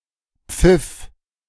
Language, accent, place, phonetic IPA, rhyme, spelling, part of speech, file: German, Germany, Berlin, [p͡fɪf], -ɪf, pfiff, verb, De-pfiff.ogg
- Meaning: first/third-person singular preterite of pfeifen